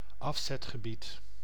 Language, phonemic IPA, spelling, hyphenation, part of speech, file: Dutch, /ˈɑf.sɛt.xəˌbit/, afzetgebied, af‧zet‧ge‧bied, noun, Nl-afzetgebied.ogg
- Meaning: market (geographical area where a certain commercial demand exist), sales area, sales outlet